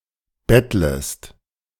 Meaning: second-person singular subjunctive I of betteln
- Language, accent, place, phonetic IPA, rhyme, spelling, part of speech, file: German, Germany, Berlin, [ˈbɛtləst], -ɛtləst, bettlest, verb, De-bettlest.ogg